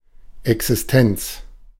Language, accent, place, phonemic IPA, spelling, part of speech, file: German, Germany, Berlin, /ɛksɪsˈtɛnt͡s/, Existenz, noun, De-Existenz.ogg
- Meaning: 1. existence 2. subsistence